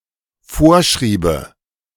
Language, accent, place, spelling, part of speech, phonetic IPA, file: German, Germany, Berlin, vorschriebe, verb, [ˈfoːɐ̯ˌʃʁiːbə], De-vorschriebe.ogg
- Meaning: first/third-person singular dependent subjunctive II of vorschreiben